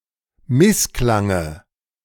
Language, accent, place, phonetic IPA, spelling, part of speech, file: German, Germany, Berlin, [ˈmɪsˌklaŋə], Missklange, noun, De-Missklange.ogg
- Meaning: dative of Missklang